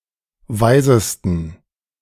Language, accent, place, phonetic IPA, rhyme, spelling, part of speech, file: German, Germany, Berlin, [ˈvaɪ̯zəstn̩], -aɪ̯zəstn̩, weisesten, adjective, De-weisesten.ogg
- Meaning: 1. superlative degree of weise 2. inflection of weise: strong genitive masculine/neuter singular superlative degree